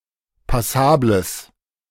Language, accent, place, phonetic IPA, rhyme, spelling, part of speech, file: German, Germany, Berlin, [paˈsaːbləs], -aːbləs, passables, adjective, De-passables.ogg
- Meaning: strong/mixed nominative/accusative neuter singular of passabel